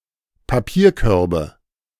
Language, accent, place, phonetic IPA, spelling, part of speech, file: German, Germany, Berlin, [paˈpiːɐ̯ˌkœʁbə], Papierkörbe, noun, De-Papierkörbe.ogg
- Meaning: nominative/accusative/genitive plural of Papierkorb